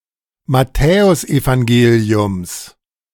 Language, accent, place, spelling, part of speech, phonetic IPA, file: German, Germany, Berlin, Matthäusevangeliums, noun, [maˈtɛːʊsʔevaŋˌɡeːli̯ʊms], De-Matthäusevangeliums.ogg
- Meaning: genitive singular of Matthäusevangelium